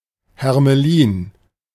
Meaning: 1. ermine (Mustela erminea) 2. ermine 3. ermine (white fur of the ermine) 4. A moth (Trichosea ludifica (Noctuidae spp.))
- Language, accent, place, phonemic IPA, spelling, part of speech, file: German, Germany, Berlin, /hɛʁməˈliːn/, Hermelin, noun, De-Hermelin.ogg